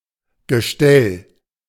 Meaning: 1. frame, chassis 2. rack, stand 3. trestle
- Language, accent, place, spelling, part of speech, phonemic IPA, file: German, Germany, Berlin, Gestell, noun, /ɡəˈʃtɛl/, De-Gestell.ogg